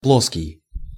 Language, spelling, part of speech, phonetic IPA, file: Russian, плоский, adjective, [ˈpɫoskʲɪj], Ru-плоский.ogg
- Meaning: 1. flat, plane, level 2. trivial, tame, stale, trite